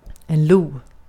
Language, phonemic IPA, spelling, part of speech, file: Swedish, /luː/, lo, noun / interjection, Sv-lo.ogg
- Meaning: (noun) lynx; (interjection) An intensifier put at the end of a sentence